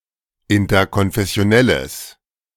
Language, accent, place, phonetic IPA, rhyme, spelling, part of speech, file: German, Germany, Berlin, [ɪntɐkɔnfɛsi̯oˈnɛləs], -ɛləs, interkonfessionelles, adjective, De-interkonfessionelles.ogg
- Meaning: strong/mixed nominative/accusative neuter singular of interkonfessionell